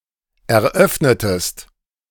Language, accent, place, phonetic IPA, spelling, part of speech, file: German, Germany, Berlin, [ɛɐ̯ˈʔœfnətəst], eröffnetest, verb, De-eröffnetest.ogg
- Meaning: inflection of eröffnen: 1. second-person singular preterite 2. second-person singular subjunctive II